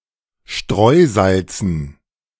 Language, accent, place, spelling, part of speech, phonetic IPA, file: German, Germany, Berlin, Streusalzen, noun, [ˈʃtʁɔɪ̯ˌzalt͡sn̩], De-Streusalzen.ogg
- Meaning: dative plural of Streusalz